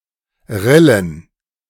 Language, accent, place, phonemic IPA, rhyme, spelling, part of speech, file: German, Germany, Berlin, /ˈʁɪlən/, -ɪlən, Rillen, noun, De-Rillen.ogg
- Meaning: plural of Rille